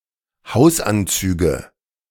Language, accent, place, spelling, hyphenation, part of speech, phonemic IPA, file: German, Germany, Berlin, Hausanzüge, Haus‧an‧zü‧ge, noun, /ˈhaʊ̯sˌʔant͡syːɡə/, De-Hausanzüge.ogg
- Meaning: nominative genitive accusative plural of Hausanzug